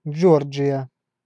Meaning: 1. Georgia (a state in the Southern United States) 2. Georgia (a transcontinental country in the Caucasus region of Europe and Asia, on the coast of the Black Sea)
- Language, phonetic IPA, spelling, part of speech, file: Russian, [ˈd͡ʐʐord͡ʐʐɨjə], Джорджия, proper noun, Ru-Джорджия.ogg